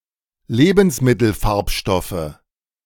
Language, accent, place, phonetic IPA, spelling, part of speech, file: German, Germany, Berlin, [ˈleːbn̩sˌmɪtl̩ˌfaʁpʃtɔfə], Lebensmittelfarbstoffe, noun, De-Lebensmittelfarbstoffe.ogg
- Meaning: nominative/accusative/genitive plural of Lebensmittelfarbstoff